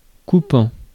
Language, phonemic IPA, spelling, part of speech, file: French, /ku.pɑ̃/, coupant, verb / adjective, Fr-coupant.ogg
- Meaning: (verb) present participle of couper; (adjective) 1. cutting 2. sharp